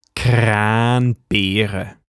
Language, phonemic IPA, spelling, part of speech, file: German, /ˈkʁaːnˌbeːʁə/, Kranbeere, noun, De-Kranbeere.ogg
- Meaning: 1. cowberry; lingonberry (Vaccinium vitis-idaea) 2. cranberry (Vaccinium macrocarpon)